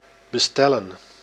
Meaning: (verb) 1. to order, demand delivery 2. to deliver; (noun) plural of bestel
- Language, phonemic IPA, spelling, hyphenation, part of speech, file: Dutch, /bəˈstɛlə(n)/, bestellen, be‧stel‧len, verb / noun, Nl-bestellen.ogg